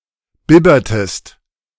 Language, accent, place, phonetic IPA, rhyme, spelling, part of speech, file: German, Germany, Berlin, [ˈbɪbɐtəst], -ɪbɐtəst, bibbertest, verb, De-bibbertest.ogg
- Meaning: inflection of bibbern: 1. second-person singular preterite 2. second-person singular subjunctive II